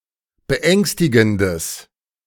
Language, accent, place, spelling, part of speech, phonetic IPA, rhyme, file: German, Germany, Berlin, beängstigendes, adjective, [bəˈʔɛŋstɪɡn̩dəs], -ɛŋstɪɡn̩dəs, De-beängstigendes.ogg
- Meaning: strong/mixed nominative/accusative neuter singular of beängstigend